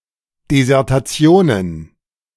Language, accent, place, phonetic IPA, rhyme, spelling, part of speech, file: German, Germany, Berlin, [dezɛʁtaˈt͡si̯oːnən], -oːnən, Desertationen, noun, De-Desertationen.ogg
- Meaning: plural of Desertation